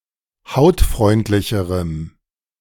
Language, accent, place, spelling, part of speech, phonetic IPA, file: German, Germany, Berlin, hautfreundlicherem, adjective, [ˈhaʊ̯tˌfʁɔɪ̯ntlɪçəʁəm], De-hautfreundlicherem.ogg
- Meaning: strong dative masculine/neuter singular comparative degree of hautfreundlich